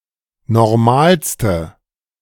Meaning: inflection of normal: 1. strong/mixed nominative/accusative feminine singular superlative degree 2. strong nominative/accusative plural superlative degree
- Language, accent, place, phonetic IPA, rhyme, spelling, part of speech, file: German, Germany, Berlin, [nɔʁˈmaːlstə], -aːlstə, normalste, adjective, De-normalste.ogg